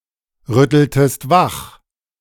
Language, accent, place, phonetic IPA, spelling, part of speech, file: German, Germany, Berlin, [ˌʁʏtl̩təst ˈvax], rütteltest wach, verb, De-rütteltest wach.ogg
- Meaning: inflection of wachrütteln: 1. second-person singular preterite 2. second-person singular subjunctive II